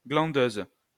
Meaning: female equivalent of glandeur
- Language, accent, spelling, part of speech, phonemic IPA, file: French, France, glandeuse, noun, /ɡlɑ̃.døz/, LL-Q150 (fra)-glandeuse.wav